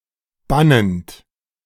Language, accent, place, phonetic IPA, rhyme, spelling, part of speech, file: German, Germany, Berlin, [ˈbanənt], -anənt, bannend, verb, De-bannend.ogg
- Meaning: present participle of bannen